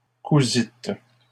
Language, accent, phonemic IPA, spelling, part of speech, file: French, Canada, /ku.zit/, cousîtes, verb, LL-Q150 (fra)-cousîtes.wav
- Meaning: second-person plural past historic of coudre